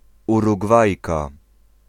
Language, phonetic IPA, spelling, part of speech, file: Polish, [ˌuruɡˈvajka], Urugwajka, noun, Pl-Urugwajka.ogg